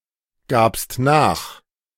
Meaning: second-person singular preterite of nachgeben
- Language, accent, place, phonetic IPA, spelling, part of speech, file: German, Germany, Berlin, [ˌɡaːpst ˈnaːx], gabst nach, verb, De-gabst nach.ogg